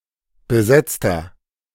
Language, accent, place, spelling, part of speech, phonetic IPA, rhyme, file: German, Germany, Berlin, besetzter, adjective, [bəˈzɛt͡stɐ], -ɛt͡stɐ, De-besetzter.ogg
- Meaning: inflection of besetzt: 1. strong/mixed nominative masculine singular 2. strong genitive/dative feminine singular 3. strong genitive plural